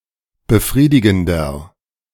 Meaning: 1. comparative degree of befriedigend 2. inflection of befriedigend: strong/mixed nominative masculine singular 3. inflection of befriedigend: strong genitive/dative feminine singular
- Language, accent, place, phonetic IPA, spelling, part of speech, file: German, Germany, Berlin, [bəˈfʁiːdɪɡn̩dɐ], befriedigender, adjective, De-befriedigender.ogg